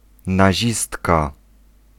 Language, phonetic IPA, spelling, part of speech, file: Polish, [naˈʑistka], nazistka, noun, Pl-nazistka.ogg